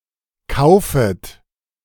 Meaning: second-person plural subjunctive I of kaufen
- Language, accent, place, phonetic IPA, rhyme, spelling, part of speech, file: German, Germany, Berlin, [ˈkaʊ̯fət], -aʊ̯fət, kaufet, verb, De-kaufet.ogg